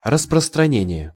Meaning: 1. spread, expansion 2. distribution, circulation 3. dissemination, propagation, spreading, distribution 4. prevalence, ubiquitousness
- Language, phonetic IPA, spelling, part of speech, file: Russian, [rəsprəstrɐˈnʲenʲɪje], распространение, noun, Ru-распространение.ogg